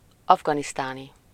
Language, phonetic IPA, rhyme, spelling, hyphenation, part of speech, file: Hungarian, [ˈɒvɡɒnistaːni], -ni, afganisztáni, af‧ga‧nisz‧tá‧ni, adjective, Hu-afganisztáni.ogg
- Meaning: Afghan (of, from or relating to Afghanistan)